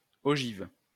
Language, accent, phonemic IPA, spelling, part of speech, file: French, France, /ɔ.ʒiv/, ogive, noun / adjective, LL-Q150 (fra)-ogive.wav
- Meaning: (noun) 1. diagonal rib, ogive 2. nose cone, warhead (of missile); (adjective) feminine singular of ogif